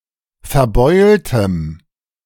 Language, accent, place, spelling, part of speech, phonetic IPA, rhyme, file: German, Germany, Berlin, verbeultem, adjective, [fɛɐ̯ˈbɔɪ̯ltəm], -ɔɪ̯ltəm, De-verbeultem.ogg
- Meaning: strong dative masculine/neuter singular of verbeult